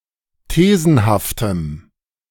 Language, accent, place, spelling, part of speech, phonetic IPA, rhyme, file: German, Germany, Berlin, thesenhaftem, adjective, [ˈteːzn̩haftəm], -eːzn̩haftəm, De-thesenhaftem.ogg
- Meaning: strong dative masculine/neuter singular of thesenhaft